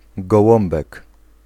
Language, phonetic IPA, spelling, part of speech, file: Polish, [ɡɔˈwɔ̃mbɛk], gołąbek, noun, Pl-gołąbek.ogg